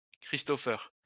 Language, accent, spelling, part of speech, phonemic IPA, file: French, France, Christopher, proper noun, /kʁis.tɔ.fɛʁ/, LL-Q150 (fra)-Christopher.wav
- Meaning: a male given name